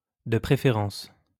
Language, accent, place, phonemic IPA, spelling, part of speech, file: French, France, Lyon, /də pʁe.fe.ʁɑ̃s/, de préférence, adverb, LL-Q150 (fra)-de préférence.wav
- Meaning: preferably, ideally